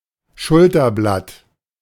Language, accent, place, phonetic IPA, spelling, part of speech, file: German, Germany, Berlin, [ˈʃʊltɐˌblat], Schulterblatt, noun / proper noun, De-Schulterblatt.ogg
- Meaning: shoulder blade